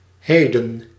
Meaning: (adverb) 1. presently 2. today; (noun) the present
- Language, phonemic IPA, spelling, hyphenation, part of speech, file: Dutch, /ˈɦeː.də(n)/, heden, he‧den, adverb / noun, Nl-heden.ogg